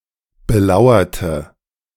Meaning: inflection of belauern: 1. first/third-person singular preterite 2. first/third-person singular subjunctive II
- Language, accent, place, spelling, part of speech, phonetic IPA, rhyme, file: German, Germany, Berlin, belauerte, adjective / verb, [bəˈlaʊ̯ɐtə], -aʊ̯ɐtə, De-belauerte.ogg